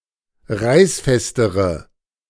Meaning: inflection of reißfest: 1. strong/mixed nominative/accusative feminine singular comparative degree 2. strong nominative/accusative plural comparative degree
- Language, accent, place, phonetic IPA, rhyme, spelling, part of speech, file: German, Germany, Berlin, [ˈʁaɪ̯sˌfɛstəʁə], -aɪ̯sfɛstəʁə, reißfestere, adjective, De-reißfestere.ogg